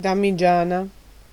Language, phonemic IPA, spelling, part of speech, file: Italian, /damiˈd͡ʒana/, damigiana, noun, It-damigiana.ogg